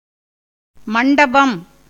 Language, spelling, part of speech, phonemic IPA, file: Tamil, மண்டபம், noun, /mɐɳɖɐbɐm/, Ta-மண்டபம்.ogg
- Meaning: pavilion in a temple or other place used during festivals for the reception of idols when they are carried in procession, generally a square or rectangular hall with a flat roof supported by pillars